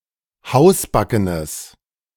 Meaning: strong/mixed nominative/accusative neuter singular of hausbacken
- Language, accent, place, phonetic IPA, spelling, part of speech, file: German, Germany, Berlin, [ˈhaʊ̯sˌbakənəs], hausbackenes, adjective, De-hausbackenes.ogg